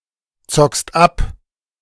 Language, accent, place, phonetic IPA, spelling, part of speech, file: German, Germany, Berlin, [ˌt͡sɔkst ˈap], zockst ab, verb, De-zockst ab.ogg
- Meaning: second-person singular present of abzocken